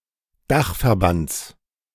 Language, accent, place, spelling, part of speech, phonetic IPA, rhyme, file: German, Germany, Berlin, Dachverbands, noun, [ˈdaxfɛɐ̯ˌbant͡s], -axfɛɐ̯bant͡s, De-Dachverbands.ogg
- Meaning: genitive singular of Dachverband